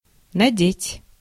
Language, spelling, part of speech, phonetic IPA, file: Russian, надеть, verb, [nɐˈdʲetʲ], Ru-надеть.ogg
- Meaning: to put on, to get on